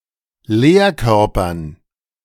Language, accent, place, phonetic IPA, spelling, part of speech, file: German, Germany, Berlin, [ˈleːɐ̯ˌkœʁpɐn], Lehrkörpern, noun, De-Lehrkörpern.ogg
- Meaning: dative plural of Lehrkörper